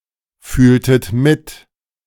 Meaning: inflection of mitfühlen: 1. second-person plural preterite 2. second-person plural subjunctive II
- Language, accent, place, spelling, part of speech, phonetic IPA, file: German, Germany, Berlin, fühltet mit, verb, [ˌfyːltət ˈmɪt], De-fühltet mit.ogg